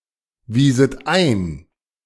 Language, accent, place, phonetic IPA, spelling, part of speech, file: German, Germany, Berlin, [ˌviːzət ˈaɪ̯n], wieset ein, verb, De-wieset ein.ogg
- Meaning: second-person plural subjunctive II of einweisen